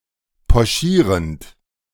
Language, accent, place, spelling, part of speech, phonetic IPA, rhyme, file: German, Germany, Berlin, pochierend, verb, [pɔˈʃiːʁənt], -iːʁənt, De-pochierend.ogg
- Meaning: present participle of pochieren